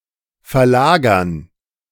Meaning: 1. to relocate 2. to shift
- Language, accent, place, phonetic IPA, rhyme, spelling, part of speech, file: German, Germany, Berlin, [fɛɐ̯ˈlaːɡɐn], -aːɡɐn, verlagern, verb, De-verlagern.ogg